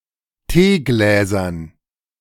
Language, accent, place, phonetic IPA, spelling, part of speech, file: German, Germany, Berlin, [ˈteːˌɡlɛːzɐn], Teegläsern, noun, De-Teegläsern.ogg
- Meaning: dative plural of Teeglas